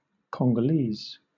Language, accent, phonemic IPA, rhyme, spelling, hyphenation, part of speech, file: English, Southern England, /ˌkɒŋ.ɡəˈliːz/, -iːz, Congolese, Con‧go‧lese, noun / adjective, LL-Q1860 (eng)-Congolese.wav
- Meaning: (noun) 1. A person from the Congo or any Congolese state 2. A person from the Congo or any Congolese state.: A person from the Republic of the Congo